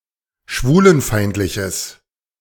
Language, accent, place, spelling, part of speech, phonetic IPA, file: German, Germany, Berlin, schwulenfeindliches, adjective, [ˈʃvuːlənˌfaɪ̯ntlɪçəs], De-schwulenfeindliches.ogg
- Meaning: strong/mixed nominative/accusative neuter singular of schwulenfeindlich